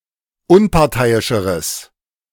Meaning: strong/mixed nominative/accusative neuter singular comparative degree of unparteiisch
- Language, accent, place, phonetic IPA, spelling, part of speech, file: German, Germany, Berlin, [ˈʊnpaʁˌtaɪ̯ɪʃəʁəs], unparteiischeres, adjective, De-unparteiischeres.ogg